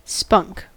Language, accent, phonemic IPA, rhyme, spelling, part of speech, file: English, US, /spʌŋk/, -ʌŋk, spunk, noun / verb, En-us-spunk.ogg
- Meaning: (noun) 1. A spark 2. Touchwood; tinder 3. Synonym of taper, a thin stick used for transferring flames, especially a sulfur match